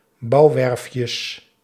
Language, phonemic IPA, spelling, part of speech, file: Dutch, /ˈbɑuwɛrᵊfjəs/, bouwwerfjes, noun, Nl-bouwwerfjes.ogg
- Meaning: plural of bouwwerfje